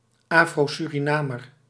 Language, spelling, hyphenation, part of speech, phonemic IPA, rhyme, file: Dutch, Afro-Surinamer, Afro-Su‧ri‧na‧mer, noun, /ˌaː.froː.sy.riˈnaː.mər/, -aːmər, Nl-Afro-Surinamer.ogg
- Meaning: An Afro-Surinamese person; a Surinamese person of African descent; an umbrella term encompassing both the Creole and Maroon ethnicities